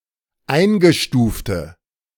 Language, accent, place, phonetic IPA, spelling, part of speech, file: German, Germany, Berlin, [ˈaɪ̯nɡəˌʃtuːftə], eingestufte, adjective, De-eingestufte.ogg
- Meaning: inflection of eingestuft: 1. strong/mixed nominative/accusative feminine singular 2. strong nominative/accusative plural 3. weak nominative all-gender singular